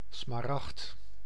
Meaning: emerald
- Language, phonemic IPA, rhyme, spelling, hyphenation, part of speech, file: Dutch, /smaːˈrɑxt/, -ɑxt, smaragd, sma‧ragd, noun, Nl-smaragd.ogg